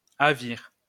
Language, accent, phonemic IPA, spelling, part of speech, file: French, France, /a.viʁ/, havir, verb, LL-Q150 (fra)-havir.wav
- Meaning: to singe